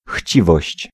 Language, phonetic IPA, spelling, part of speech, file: Polish, [ˈxʲt͡ɕivɔɕt͡ɕ], chciwość, noun, Pl-chciwość.ogg